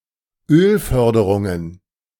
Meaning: plural of Ölförderung
- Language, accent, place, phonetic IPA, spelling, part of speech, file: German, Germany, Berlin, [ˈøːlˌfœʁdəʁʊŋən], Ölförderungen, noun, De-Ölförderungen.ogg